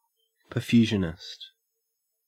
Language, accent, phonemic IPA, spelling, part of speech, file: English, Australia, /pə(ɹ)ˈfjuːʒənɪst/, perfusionist, noun, En-au-perfusionist.ogg
- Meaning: A trained clinician who operates the heart-lung machine during cardiac and other surgeries